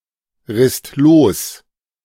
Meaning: second-person singular/plural preterite of losreißen
- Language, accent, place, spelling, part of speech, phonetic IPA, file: German, Germany, Berlin, risst los, verb, [ˌʁɪst ˈloːs], De-risst los.ogg